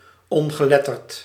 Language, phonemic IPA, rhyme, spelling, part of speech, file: Dutch, /ɔn.ɣəˈlɛ.tərt/, -ɛtərt, ongeletterd, adjective, Nl-ongeletterd.ogg
- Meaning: illiterate